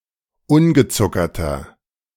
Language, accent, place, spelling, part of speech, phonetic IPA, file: German, Germany, Berlin, ungezuckerter, adjective, [ˈʊnɡəˌt͡sʊkɐtɐ], De-ungezuckerter.ogg
- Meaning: inflection of ungezuckert: 1. strong/mixed nominative masculine singular 2. strong genitive/dative feminine singular 3. strong genitive plural